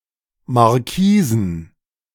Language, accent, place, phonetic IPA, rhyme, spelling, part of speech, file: German, Germany, Berlin, [maʁˈkiːzn̩], -iːzn̩, Marquisen, noun, De-Marquisen.ogg
- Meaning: plural of Marquise